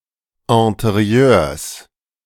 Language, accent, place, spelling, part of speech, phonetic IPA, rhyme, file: German, Germany, Berlin, Interieurs, noun, [ɛ̃teˈʁi̯øːɐ̯s], -øːɐ̯s, De-Interieurs.ogg
- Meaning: plural of Interieur